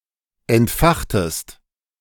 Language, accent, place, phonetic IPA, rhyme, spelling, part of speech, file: German, Germany, Berlin, [ɛntˈfaxtəst], -axtəst, entfachtest, verb, De-entfachtest.ogg
- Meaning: inflection of entfachen: 1. second-person singular preterite 2. second-person singular subjunctive II